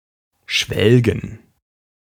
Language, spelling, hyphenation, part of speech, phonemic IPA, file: German, schwelgen, schwel‧gen, verb, /ˈʃvɛlɡn̩/, De-schwelgen.ogg
- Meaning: 1. to eat or drink greedily 2. to revel [with in ‘in something’], indulge in